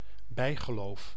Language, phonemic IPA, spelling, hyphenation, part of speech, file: Dutch, /ˈbɛi̯.ɣəˌloːf/, bijgeloof, bij‧ge‧loof, noun, Nl-bijgeloof.ogg
- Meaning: superstition (a set of unscientific beliefs that future events may be influenced by one's behaviour in some magical or mystical way)